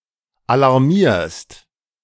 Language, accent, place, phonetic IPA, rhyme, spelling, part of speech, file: German, Germany, Berlin, [alaʁˈmiːɐ̯st], -iːɐ̯st, alarmierst, verb, De-alarmierst.ogg
- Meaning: second-person singular present of alarmieren